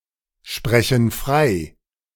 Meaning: inflection of freisprechen: 1. first/third-person plural present 2. first/third-person plural subjunctive I
- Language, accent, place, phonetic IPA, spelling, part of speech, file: German, Germany, Berlin, [ˌʃpʁɛçn̩ ˈfʁaɪ̯], sprechen frei, verb, De-sprechen frei.ogg